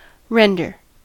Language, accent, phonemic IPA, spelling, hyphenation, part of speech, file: English, US, /ˈɹɛn.dɚ/, render, ren‧der, verb / noun, En-us-render.ogg
- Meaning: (verb) 1. To cause to become 2. To interpret, give an interpretation or rendition of 3. To translate into another language 4. To pass down 5. To make over as a return